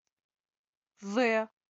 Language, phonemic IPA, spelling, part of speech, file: Albanian, /ðe/, dhe, conjunction, Sq-dhe.wav
- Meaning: 1. and (used to connect two similar words, phrases, et cetera) 2. also